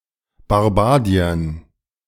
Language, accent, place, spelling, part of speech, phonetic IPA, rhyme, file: German, Germany, Berlin, Barbadiern, noun, [baʁˈbaːdi̯ɐn], -aːdi̯ɐn, De-Barbadiern.ogg
- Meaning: dative plural of Barbadier